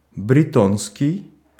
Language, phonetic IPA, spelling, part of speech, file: Russian, [brʲɪˈtonskʲɪj], бретонский, adjective / noun, Ru-бретонский.ogg
- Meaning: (adjective) Breton